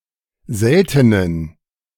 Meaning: inflection of selten: 1. strong genitive masculine/neuter singular 2. weak/mixed genitive/dative all-gender singular 3. strong/weak/mixed accusative masculine singular 4. strong dative plural
- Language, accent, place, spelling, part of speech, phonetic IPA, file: German, Germany, Berlin, seltenen, adjective, [ˈzɛltənən], De-seltenen.ogg